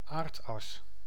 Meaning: Earth axis
- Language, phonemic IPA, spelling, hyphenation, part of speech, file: Dutch, /ˈaːrt.ɑs/, aardas, aard‧as, noun, Nl-aardas.ogg